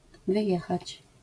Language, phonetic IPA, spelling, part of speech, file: Polish, [vɨˈjɛxat͡ɕ], wyjechać, verb, LL-Q809 (pol)-wyjechać.wav